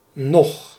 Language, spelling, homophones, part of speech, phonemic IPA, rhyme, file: Dutch, nog, noch, adverb, /nɔx/, -ɔx, Nl-nog.ogg
- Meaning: 1. still, as before 2. yet 3. more, in addition 4. to indicate the time is soon, soon after another event or within the same timespan → as early as, already